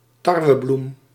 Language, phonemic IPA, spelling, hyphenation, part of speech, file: Dutch, /ˈtɑr.ʋəˌblum/, tarwebloem, tar‧we‧bloem, noun, Nl-tarwebloem.ogg
- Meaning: wheat flour